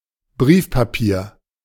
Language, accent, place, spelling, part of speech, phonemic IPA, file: German, Germany, Berlin, Briefpapier, noun, /ˈbʁiːfpaˌpiːɐ̯/, De-Briefpapier.ogg
- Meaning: writing paper